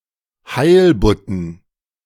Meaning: dative plural of Heilbutt
- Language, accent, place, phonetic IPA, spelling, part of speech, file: German, Germany, Berlin, [ˈhaɪ̯lbʊtn̩], Heilbutten, noun, De-Heilbutten.ogg